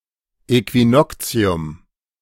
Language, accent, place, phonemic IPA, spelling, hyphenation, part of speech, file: German, Germany, Berlin, /ɛkviˈnɔkt͡si̯ʊm/, Äquinoktium, Äqui‧nok‧ti‧um, noun, De-Äquinoktium.ogg
- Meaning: equinox